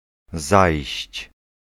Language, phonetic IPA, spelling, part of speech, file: Polish, [zajɕt͡ɕ], zajść, verb, Pl-zajść.ogg